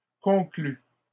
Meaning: third-person singular imperfect subjunctive of conclure
- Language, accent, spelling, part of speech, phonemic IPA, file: French, Canada, conclût, verb, /kɔ̃.kly/, LL-Q150 (fra)-conclût.wav